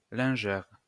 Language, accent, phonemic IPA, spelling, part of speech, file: French, France, /lɛ̃.ʒɛʁ/, lingère, noun, LL-Q150 (fra)-lingère.wav
- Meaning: washerwoman, laundry maid